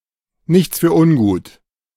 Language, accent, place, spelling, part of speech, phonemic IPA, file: German, Germany, Berlin, nichts für ungut, phrase, /ˈnɪçts fyːɐ̯ ˈʊnɡuːt/, De-nichts für ungut.ogg
- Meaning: expresses that the speaker, despite some uncordial remark or incident, hopes not to have offended the addressee and does not hold a grudge against them: no offense, no hard feelings